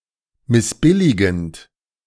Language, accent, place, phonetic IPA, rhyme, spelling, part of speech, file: German, Germany, Berlin, [mɪsˈbɪlɪɡn̩t], -ɪlɪɡn̩t, missbilligend, verb, De-missbilligend.ogg
- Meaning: present participle of missbilligen